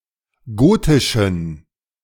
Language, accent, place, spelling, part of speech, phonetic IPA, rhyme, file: German, Germany, Berlin, gotischen, adjective, [ˈɡoːtɪʃn̩], -oːtɪʃn̩, De-gotischen.ogg
- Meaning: inflection of gotisch: 1. strong genitive masculine/neuter singular 2. weak/mixed genitive/dative all-gender singular 3. strong/weak/mixed accusative masculine singular 4. strong dative plural